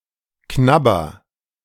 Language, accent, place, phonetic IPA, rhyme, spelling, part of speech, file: German, Germany, Berlin, [ˈknabɐ], -abɐ, knabber, verb, De-knabber.ogg
- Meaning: inflection of knabbern: 1. first-person singular present 2. singular imperative